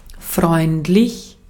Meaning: 1. friendly, benign 2. nice, pleasant
- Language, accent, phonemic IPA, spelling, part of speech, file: German, Austria, /ˈfʁɔɪ̯ntlɪç/, freundlich, adjective, De-at-freundlich.ogg